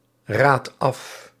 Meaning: inflection of afraden: 1. second/third-person singular present indicative 2. plural imperative
- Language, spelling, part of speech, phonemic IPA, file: Dutch, raadt af, verb, /ˈrat ˈɑf/, Nl-raadt af.ogg